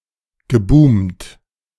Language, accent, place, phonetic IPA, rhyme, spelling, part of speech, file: German, Germany, Berlin, [ɡəˈbuːmt], -uːmt, geboomt, verb, De-geboomt.ogg
- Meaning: past participle of boomen